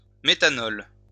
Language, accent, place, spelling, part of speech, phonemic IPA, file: French, France, Lyon, méthanol, noun, /me.ta.nɔl/, LL-Q150 (fra)-méthanol.wav
- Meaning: methanol